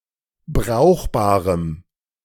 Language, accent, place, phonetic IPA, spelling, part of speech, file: German, Germany, Berlin, [ˈbʁaʊ̯xbaːʁəm], brauchbarem, adjective, De-brauchbarem.ogg
- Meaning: strong dative masculine/neuter singular of brauchbar